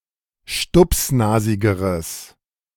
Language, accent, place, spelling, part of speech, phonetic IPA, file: German, Germany, Berlin, stupsnasigeres, adjective, [ˈʃtʊpsˌnaːzɪɡəʁəs], De-stupsnasigeres.ogg
- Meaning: strong/mixed nominative/accusative neuter singular comparative degree of stupsnasig